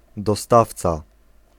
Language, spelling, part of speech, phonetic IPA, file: Polish, dostawca, noun, [dɔˈstaft͡sa], Pl-dostawca.ogg